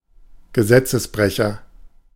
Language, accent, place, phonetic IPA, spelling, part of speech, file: German, Germany, Berlin, [ɡəˈzɛt͡səsˌbʁɛçɐ], Gesetzesbrecher, noun, De-Gesetzesbrecher.ogg
- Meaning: criminal, felon